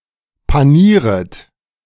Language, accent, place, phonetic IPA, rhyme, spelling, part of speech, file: German, Germany, Berlin, [paˈniːʁət], -iːʁət, panieret, verb, De-panieret.ogg
- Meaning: second-person plural subjunctive I of panieren